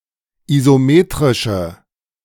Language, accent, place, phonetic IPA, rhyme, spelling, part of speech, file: German, Germany, Berlin, [izoˈmeːtʁɪʃə], -eːtʁɪʃə, isometrische, adjective, De-isometrische.ogg
- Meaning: inflection of isometrisch: 1. strong/mixed nominative/accusative feminine singular 2. strong nominative/accusative plural 3. weak nominative all-gender singular